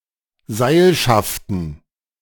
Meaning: plural of Seilschaft
- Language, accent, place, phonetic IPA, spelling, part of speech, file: German, Germany, Berlin, [ˈzaɪ̯lʃaftn̩], Seilschaften, noun, De-Seilschaften.ogg